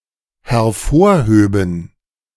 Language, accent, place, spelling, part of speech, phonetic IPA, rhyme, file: German, Germany, Berlin, hervorhöben, verb, [hɛɐ̯ˈfoːɐ̯ˌhøːbn̩], -oːɐ̯høːbn̩, De-hervorhöben.ogg
- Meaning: first/third-person plural dependent subjunctive II of hervorheben